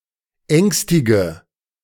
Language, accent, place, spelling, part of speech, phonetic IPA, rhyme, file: German, Germany, Berlin, ängstige, verb, [ˈɛŋstɪɡə], -ɛŋstɪɡə, De-ängstige.ogg
- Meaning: inflection of ängstigen: 1. first-person singular present 2. first/third-person singular subjunctive I 3. singular imperative